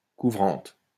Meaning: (adjective) feminine singular of couvrant; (noun) covering
- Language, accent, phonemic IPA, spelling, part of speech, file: French, France, /ku.vʁɑ̃t/, couvrante, adjective / noun, LL-Q150 (fra)-couvrante.wav